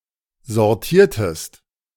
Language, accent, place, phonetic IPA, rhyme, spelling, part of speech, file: German, Germany, Berlin, [zɔʁˈtiːɐ̯təst], -iːɐ̯təst, sortiertest, verb, De-sortiertest.ogg
- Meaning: inflection of sortieren: 1. second-person singular preterite 2. second-person singular subjunctive II